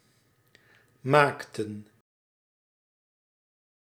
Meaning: inflection of maken: 1. plural past indicative 2. plural past subjunctive
- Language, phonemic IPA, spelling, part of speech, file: Dutch, /ˈmaːk.tə(n)/, maakten, verb, Nl-maakten.ogg